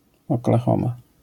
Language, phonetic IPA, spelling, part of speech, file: Polish, [ˌɔklaˈxɔ̃ma], Oklahoma, proper noun, LL-Q809 (pol)-Oklahoma.wav